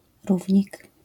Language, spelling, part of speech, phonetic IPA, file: Polish, równik, noun, [ˈruvʲɲik], LL-Q809 (pol)-równik.wav